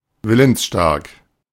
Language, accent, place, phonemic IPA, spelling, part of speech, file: German, Germany, Berlin, /ˈvɪlənsˌʃtaʁk/, willensstark, adjective, De-willensstark.ogg
- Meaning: strong-willed, strong-minded, determined